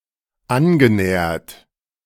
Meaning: past participle of annähern
- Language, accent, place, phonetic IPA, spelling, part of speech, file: German, Germany, Berlin, [ˈanɡəˌnɛːɐt], angenähert, verb, De-angenähert.ogg